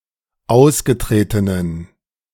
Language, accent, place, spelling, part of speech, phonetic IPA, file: German, Germany, Berlin, ausgetretenen, adjective, [ˈaʊ̯sɡəˌtʁeːtənən], De-ausgetretenen.ogg
- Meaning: inflection of ausgetreten: 1. strong genitive masculine/neuter singular 2. weak/mixed genitive/dative all-gender singular 3. strong/weak/mixed accusative masculine singular 4. strong dative plural